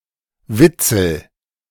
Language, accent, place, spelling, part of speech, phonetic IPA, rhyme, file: German, Germany, Berlin, witzel, verb, [ˈvɪt͡sl̩], -ɪt͡sl̩, De-witzel.ogg
- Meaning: inflection of witzeln: 1. first-person singular present 2. singular imperative